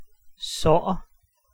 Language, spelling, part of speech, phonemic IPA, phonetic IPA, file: Danish, sår, noun / adjective / verb, /sɔːˀr/, [sɒˀ], Da-sår.ogg
- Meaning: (noun) wound; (adjective) sore, worried, distressed; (verb) 1. present tense of så 2. imperative of såre